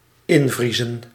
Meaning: to freeze in; to freeze
- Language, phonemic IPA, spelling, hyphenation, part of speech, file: Dutch, /ˈɪnˌvri.zə(n)/, invriezen, in‧vrie‧zen, verb, Nl-invriezen.ogg